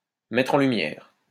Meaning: to shine a light on, to bring to light, to highlight
- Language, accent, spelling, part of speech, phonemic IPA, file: French, France, mettre en lumière, verb, /mɛ.tʁ‿ɑ̃ ly.mjɛʁ/, LL-Q150 (fra)-mettre en lumière.wav